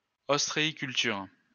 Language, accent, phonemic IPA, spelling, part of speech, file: French, France, /ɔs.tʁe.i.kyl.tyʁ/, ostréiculture, noun, LL-Q150 (fra)-ostréiculture.wav
- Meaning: oyster farming